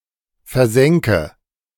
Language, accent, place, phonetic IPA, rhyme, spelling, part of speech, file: German, Germany, Berlin, [fɛɐ̯ˈzɛŋkə], -ɛŋkə, versenke, verb, De-versenke.ogg
- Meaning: inflection of versenken: 1. first-person singular present 2. first/third-person singular subjunctive I 3. singular imperative